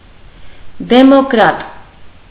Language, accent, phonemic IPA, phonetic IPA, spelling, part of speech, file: Armenian, Eastern Armenian, /demokˈɾɑt/, [demokɾɑ́t], դեմոկրատ, noun, Hy-դեմոկրատ.ogg
- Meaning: democrat